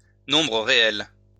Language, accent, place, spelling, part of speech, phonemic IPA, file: French, France, Lyon, nombre réel, noun, /nɔ̃.bʁə ʁe.ɛl/, LL-Q150 (fra)-nombre réel.wav
- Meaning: real number